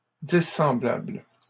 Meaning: plural of dissemblable
- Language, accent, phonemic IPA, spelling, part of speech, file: French, Canada, /di.sɑ̃.blabl/, dissemblables, adjective, LL-Q150 (fra)-dissemblables.wav